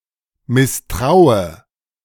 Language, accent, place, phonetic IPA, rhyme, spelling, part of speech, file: German, Germany, Berlin, [mɪsˈtʁaʊ̯ə], -aʊ̯ə, misstraue, verb, De-misstraue.ogg
- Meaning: inflection of misstrauen: 1. first-person singular present 2. first/third-person singular subjunctive I 3. singular imperative